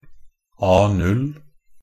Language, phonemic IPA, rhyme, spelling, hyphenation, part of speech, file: Norwegian Bokmål, /ˈɑː.nʉl/, -ʉl, A0, A‧0, noun, NB - Pronunciation of Norwegian Bokmål «A0».ogg
- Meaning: A standard paper size, defined by ISO 216